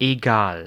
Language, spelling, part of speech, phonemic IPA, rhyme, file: German, egal, adjective / adverb / interjection, /eˈɡaːl/, -aːl, De-egal.ogg
- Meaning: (adjective) 1. all the same, unimportant 2. the same, identical, alike, matching; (adverb) no matter; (interjection) expresses indifference